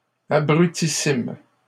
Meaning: superlative degree of abruti: Very, or most stupid
- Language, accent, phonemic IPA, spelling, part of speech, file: French, Canada, /a.bʁy.ti.sim/, abrutissime, adjective, LL-Q150 (fra)-abrutissime.wav